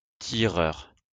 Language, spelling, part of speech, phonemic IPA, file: French, tireur, noun, /ti.ʁœʁ/, LL-Q150 (fra)-tireur.wav
- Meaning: 1. one who pulls 2. shooter 3. combattant 4. drawee 5. stall handler